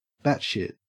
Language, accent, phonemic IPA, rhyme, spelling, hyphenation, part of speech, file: English, Australia, /ˈbæt.ʃɪt/, -ætʃɪt, batshit, bat‧shit, noun / adjective / adverb, En-au-batshit.ogg
- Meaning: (noun) 1. Fecal matter produced by bats 2. Extreme irrationality or unreasonableness, insanity, craziness; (adjective) Extremely irrational or unreasonable, insane, crazy